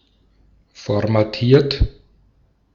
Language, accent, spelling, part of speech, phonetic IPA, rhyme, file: German, Austria, formatiert, verb, [fɔʁmaˈtiːɐ̯t], -iːɐ̯t, De-at-formatiert.ogg
- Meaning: 1. past participle of formatieren 2. inflection of formatieren: third-person singular present 3. inflection of formatieren: second-person plural present 4. inflection of formatieren: plural imperative